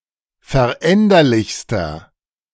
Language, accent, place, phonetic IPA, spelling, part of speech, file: German, Germany, Berlin, [fɛɐ̯ˈʔɛndɐlɪçstɐ], veränderlichster, adjective, De-veränderlichster.ogg
- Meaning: inflection of veränderlich: 1. strong/mixed nominative masculine singular superlative degree 2. strong genitive/dative feminine singular superlative degree 3. strong genitive plural superlative degree